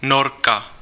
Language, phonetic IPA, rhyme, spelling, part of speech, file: Czech, [ˈnorka], -orka, Norka, noun, Cs-Norka.ogg
- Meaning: Norwegian, female native of Norway